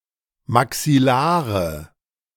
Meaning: inflection of maxillar: 1. strong/mixed nominative/accusative feminine singular 2. strong nominative/accusative plural 3. weak nominative all-gender singular
- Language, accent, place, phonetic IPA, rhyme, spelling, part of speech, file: German, Germany, Berlin, [maksɪˈlaːʁə], -aːʁə, maxillare, adjective, De-maxillare.ogg